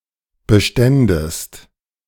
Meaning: second-person singular subjunctive II of bestehen
- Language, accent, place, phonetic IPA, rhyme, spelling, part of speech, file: German, Germany, Berlin, [bəˈʃtɛndəst], -ɛndəst, beständest, verb, De-beständest.ogg